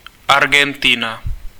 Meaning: Argentina (a country in South America; official name: Argentinská republika)
- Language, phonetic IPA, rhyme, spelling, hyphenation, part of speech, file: Czech, [ˈarɡɛntɪna], -ɪna, Argentina, Ar‧gen‧ti‧na, proper noun, Cs-Argentina.ogg